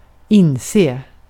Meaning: to realize; to become aware of
- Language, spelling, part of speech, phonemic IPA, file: Swedish, inse, verb, /²ɪnseː/, Sv-inse.ogg